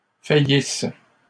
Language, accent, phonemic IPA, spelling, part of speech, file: French, Canada, /fa.jis/, faillissent, verb, LL-Q150 (fra)-faillissent.wav
- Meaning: inflection of faillir: 1. third-person plural present indicative/subjunctive 2. third-person plural imperfect subjunctive